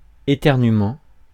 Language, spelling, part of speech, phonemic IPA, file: French, éternuement, noun, /e.tɛʁ.ny.mɑ̃/, Fr-éternuement.ogg
- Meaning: sneeze